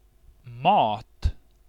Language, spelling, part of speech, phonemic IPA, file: Swedish, mat, noun, /mɑːt/, Sv-mat.ogg
- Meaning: food